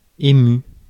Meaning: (adjective) touched, moved; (verb) past participle of émouvoir
- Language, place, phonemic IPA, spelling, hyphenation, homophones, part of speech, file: French, Paris, /e.my/, ému, é‧mu, émue / émues / émus, adjective / verb, Fr-ému.ogg